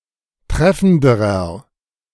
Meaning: inflection of treffend: 1. strong/mixed nominative masculine singular comparative degree 2. strong genitive/dative feminine singular comparative degree 3. strong genitive plural comparative degree
- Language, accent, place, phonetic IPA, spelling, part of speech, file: German, Germany, Berlin, [ˈtʁɛfn̩dəʁɐ], treffenderer, adjective, De-treffenderer.ogg